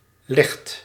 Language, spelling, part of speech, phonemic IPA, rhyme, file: Dutch, legt, verb, /lɛxt/, -ɛxt, Nl-legt.ogg
- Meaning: inflection of leggen: 1. second/third-person singular present indicative 2. plural imperative